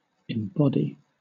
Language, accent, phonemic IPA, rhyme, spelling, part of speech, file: English, Southern England, /ɪmˈbɒdi/, -ɒdi, embody, verb, LL-Q1860 (eng)-embody.wav
- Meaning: 1. To represent in a physical or concrete form; to incarnate or personify 2. To represent in some other form, such as a code of laws